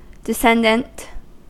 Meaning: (adjective) 1. Descending; going down 2. Descending from a biological ancestor 3. Proceeding from a figurative ancestor or source
- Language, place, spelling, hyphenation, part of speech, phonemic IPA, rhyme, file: English, California, descendant, des‧cen‧dant, adjective / noun, /dɪˈsɛndənt/, -ɛndənt, En-us-descendant.ogg